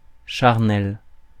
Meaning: carnal (relating to the physical and especially sexual appetites)
- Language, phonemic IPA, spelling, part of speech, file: French, /ʃaʁ.nɛl/, charnel, adjective, Fr-charnel.ogg